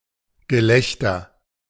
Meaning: 1. laughter, laughing 2. object of ridicule
- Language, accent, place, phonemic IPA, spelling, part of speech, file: German, Germany, Berlin, /ɡəˈlɛçtɐ/, Gelächter, noun, De-Gelächter.ogg